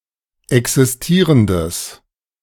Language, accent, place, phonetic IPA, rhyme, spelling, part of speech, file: German, Germany, Berlin, [ˌɛksɪsˈtiːʁəndəs], -iːʁəndəs, existierendes, adjective, De-existierendes.ogg
- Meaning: strong/mixed nominative/accusative neuter singular of existierend